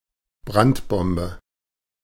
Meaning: firebomb, incendiary
- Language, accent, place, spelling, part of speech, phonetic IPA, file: German, Germany, Berlin, Brandbombe, noun, [ˈbʁantˌbɔmbə], De-Brandbombe.ogg